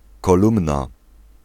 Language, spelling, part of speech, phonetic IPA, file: Polish, kolumna, noun, [kɔˈlũmna], Pl-kolumna.ogg